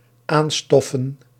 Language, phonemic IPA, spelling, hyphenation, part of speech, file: Dutch, /ˈaːnˌstɔ.fə(n)/, aanstoffen, aan‧stof‧fen, verb, Nl-aanstoffen.ogg
- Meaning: to dust, to remove dust from